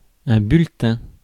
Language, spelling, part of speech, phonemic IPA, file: French, bulletin, noun, /byl.tɛ̃/, Fr-bulletin.ogg
- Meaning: 1. bulletin 2. newsletter 3. report card, school report